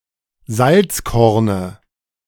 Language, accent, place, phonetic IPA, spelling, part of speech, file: German, Germany, Berlin, [ˈzalt͡sˌkɔʁnə], Salzkorne, noun, De-Salzkorne.ogg
- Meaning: dative of Salzkorn